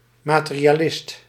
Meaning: 1. materialist (one who believes that only matters exists) 2. materialist (pursuer of money or possessions)
- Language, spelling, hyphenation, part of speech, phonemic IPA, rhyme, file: Dutch, materialist, ma‧te‧ri‧a‧list, noun, /maːˌteː.ri.aːˈlɪst/, -ɪst, Nl-materialist.ogg